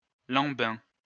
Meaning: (noun) slowpoke, plodder; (adjective) dawdling, plodding
- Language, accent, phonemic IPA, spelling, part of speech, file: French, France, /lɑ̃.bɛ̃/, lambin, noun / adjective, LL-Q150 (fra)-lambin.wav